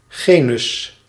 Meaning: 1. a rank in a taxonomic classification, in between family and species 2. a taxon at this rank 3. gender
- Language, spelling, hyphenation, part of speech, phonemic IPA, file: Dutch, genus, ge‧nus, noun, /ˈɣeː.nʏs/, Nl-genus.ogg